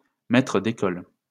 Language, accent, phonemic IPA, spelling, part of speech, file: French, France, /mɛ.tʁə d‿e.kɔl/, maître d'école, noun, LL-Q150 (fra)-maître d'école.wav
- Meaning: primary school teacher